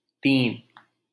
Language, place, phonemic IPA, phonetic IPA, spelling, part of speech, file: Hindi, Delhi, /t̪iːn/, [t̪ĩːn], तीन, numeral, LL-Q1568 (hin)-तीन.wav
- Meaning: three (3)